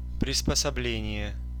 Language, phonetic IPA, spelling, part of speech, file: Russian, [prʲɪspəsɐˈblʲenʲɪje], приспособление, noun, Ru-приспособление.ogg
- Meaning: 1. adaptation, accommodation, adjustment 2. device, contrivance, contraption, appliance, gadget